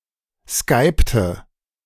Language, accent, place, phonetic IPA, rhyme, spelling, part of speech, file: German, Germany, Berlin, [ˈskaɪ̯ptə], -aɪ̯ptə, skypte, verb, De-skypte.ogg
- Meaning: inflection of skypen: 1. first/third-person singular preterite 2. first/third-person singular subjunctive II